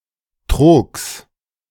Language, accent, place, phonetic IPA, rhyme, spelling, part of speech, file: German, Germany, Berlin, [tʁoːks], -oːks, Trogs, noun, De-Trogs.ogg
- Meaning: genitive singular of Trog